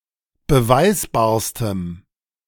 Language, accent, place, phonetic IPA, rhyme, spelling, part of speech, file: German, Germany, Berlin, [bəˈvaɪ̯sbaːɐ̯stəm], -aɪ̯sbaːɐ̯stəm, beweisbarstem, adjective, De-beweisbarstem.ogg
- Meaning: strong dative masculine/neuter singular superlative degree of beweisbar